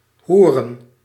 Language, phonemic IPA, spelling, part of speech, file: Dutch, /ɦurən/, hoeren, verb / noun, Nl-hoeren.ogg
- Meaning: plural of hoer